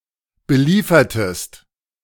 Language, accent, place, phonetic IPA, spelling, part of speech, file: German, Germany, Berlin, [bəˈliːfɐtəst], beliefertest, verb, De-beliefertest.ogg
- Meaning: inflection of beliefern: 1. second-person singular preterite 2. second-person singular subjunctive II